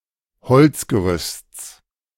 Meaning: genitive singular of Holzgerüst
- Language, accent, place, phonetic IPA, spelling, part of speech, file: German, Germany, Berlin, [ˈhɔlt͡sɡəˌʁʏst͡s], Holzgerüsts, noun, De-Holzgerüsts.ogg